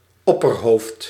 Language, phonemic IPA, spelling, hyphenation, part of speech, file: Dutch, /ˈɔ.pərˌɦoːft/, opperhoofd, op‧per‧hoofd, noun, Nl-opperhoofd.ogg
- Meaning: 1. a tribal chief, a chieftain, a paramount chief 2. a pope 3. a leader of a colony 4. a military commander 5. a captain 6. a leader of any group